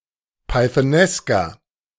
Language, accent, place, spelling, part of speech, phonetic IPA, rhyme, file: German, Germany, Berlin, pythonesker, adjective, [paɪ̯θəˈnɛskɐ], -ɛskɐ, De-pythonesker.ogg
- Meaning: 1. comparative degree of pythonesk 2. inflection of pythonesk: strong/mixed nominative masculine singular 3. inflection of pythonesk: strong genitive/dative feminine singular